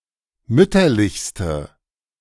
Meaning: inflection of mütterlich: 1. strong/mixed nominative/accusative feminine singular superlative degree 2. strong nominative/accusative plural superlative degree
- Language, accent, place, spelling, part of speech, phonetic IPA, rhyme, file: German, Germany, Berlin, mütterlichste, adjective, [ˈmʏtɐlɪçstə], -ʏtɐlɪçstə, De-mütterlichste.ogg